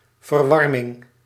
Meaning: heating (system)
- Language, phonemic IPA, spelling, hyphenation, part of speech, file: Dutch, /vərˈʋɑr.mɪŋ/, verwarming, ver‧war‧ming, noun, Nl-verwarming.ogg